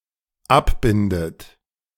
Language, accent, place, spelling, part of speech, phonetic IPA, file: German, Germany, Berlin, abbindet, verb, [ˈapˌbɪndət], De-abbindet.ogg
- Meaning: inflection of abbinden: 1. third-person singular dependent present 2. second-person plural dependent present 3. second-person plural dependent subjunctive I